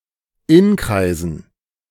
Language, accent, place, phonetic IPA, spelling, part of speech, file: German, Germany, Berlin, [ˈɪnˌkʁaɪ̯zn̩], Inkreisen, noun, De-Inkreisen.ogg
- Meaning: dative plural of Inkreis